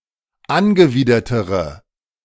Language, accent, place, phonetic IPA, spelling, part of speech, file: German, Germany, Berlin, [ˈanɡəˌviːdɐtəʁə], angewidertere, adjective, De-angewidertere.ogg
- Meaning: inflection of angewidert: 1. strong/mixed nominative/accusative feminine singular comparative degree 2. strong nominative/accusative plural comparative degree